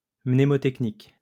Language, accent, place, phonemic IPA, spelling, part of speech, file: French, France, Lyon, /mne.mɔ.tɛk.nik/, mnémotechnique, adjective, LL-Q150 (fra)-mnémotechnique.wav
- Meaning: mnemonic (related to mnemonics)